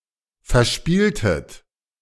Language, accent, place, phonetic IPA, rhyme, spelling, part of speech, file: German, Germany, Berlin, [fɛɐ̯ˈʃpiːltət], -iːltət, verspieltet, verb, De-verspieltet.ogg
- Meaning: inflection of verspielen: 1. second-person plural preterite 2. second-person plural subjunctive II